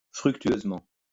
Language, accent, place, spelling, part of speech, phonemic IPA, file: French, France, Lyon, fructueusement, adverb, /fʁyk.tɥøz.mɑ̃/, LL-Q150 (fra)-fructueusement.wav
- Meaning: fruitfully (producing positive outcomes)